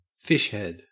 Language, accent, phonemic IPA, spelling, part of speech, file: English, Australia, /ˈfɪʃhɛd/, fishhead, noun, En-au-fishhead.ogg
- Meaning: 1. The head of a fish 2. A member of a navy; a sailor; a fisherman 3. A person from Southeast Asia